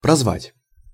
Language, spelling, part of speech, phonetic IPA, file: Russian, прозвать, verb, [prɐzˈvatʲ], Ru-прозвать.ogg
- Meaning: to name someone/something as something, to make a name or a nickname (to someone or something); to nickname